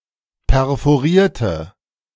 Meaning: inflection of perforieren: 1. first/third-person singular preterite 2. first/third-person singular subjunctive II
- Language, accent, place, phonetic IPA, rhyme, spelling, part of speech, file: German, Germany, Berlin, [pɛʁfoˈʁiːɐ̯tə], -iːɐ̯tə, perforierte, adjective / verb, De-perforierte.ogg